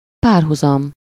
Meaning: parallel, comparison
- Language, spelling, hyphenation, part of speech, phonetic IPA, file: Hungarian, párhuzam, pár‧hu‧zam, noun, [ˈpaːrɦuzɒm], Hu-párhuzam.ogg